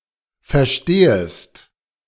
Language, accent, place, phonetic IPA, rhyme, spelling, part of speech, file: German, Germany, Berlin, [fɛɐ̯ˈʃteːəst], -eːəst, verstehest, verb, De-verstehest.ogg
- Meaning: second-person singular subjunctive I of verstehen